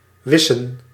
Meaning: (verb) to erase; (noun) plural of wis
- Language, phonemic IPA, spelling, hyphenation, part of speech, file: Dutch, /ˈʋɪ.sə(n)/, wissen, wis‧sen, verb / noun, Nl-wissen.ogg